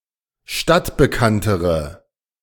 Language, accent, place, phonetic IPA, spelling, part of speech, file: German, Germany, Berlin, [ˈʃtatbəˌkantəʁə], stadtbekanntere, adjective, De-stadtbekanntere.ogg
- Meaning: inflection of stadtbekannt: 1. strong/mixed nominative/accusative feminine singular comparative degree 2. strong nominative/accusative plural comparative degree